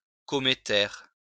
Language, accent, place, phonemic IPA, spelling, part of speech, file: French, France, Lyon, /kɔ.me.tɛʁ/, cométaire, adjective, LL-Q150 (fra)-cométaire.wav
- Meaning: cometary